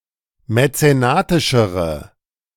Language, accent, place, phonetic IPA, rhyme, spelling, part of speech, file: German, Germany, Berlin, [mɛt͡seˈnaːtɪʃəʁə], -aːtɪʃəʁə, mäzenatischere, adjective, De-mäzenatischere.ogg
- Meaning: inflection of mäzenatisch: 1. strong/mixed nominative/accusative feminine singular comparative degree 2. strong nominative/accusative plural comparative degree